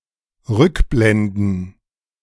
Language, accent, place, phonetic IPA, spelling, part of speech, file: German, Germany, Berlin, [ˈʁʏkˌblɛndn̩], Rückblenden, noun, De-Rückblenden.ogg
- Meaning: plural of Rückblende